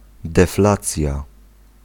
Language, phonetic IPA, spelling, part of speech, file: Polish, [dɛˈflat͡sʲja], deflacja, noun, Pl-deflacja.ogg